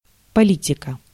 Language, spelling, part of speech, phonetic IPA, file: Russian, политика, noun, [pɐˈlʲitʲɪkə], Ru-политика.ogg
- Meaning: 1. politics 2. policy 3. genitive/accusative singular of поли́тик (polítik)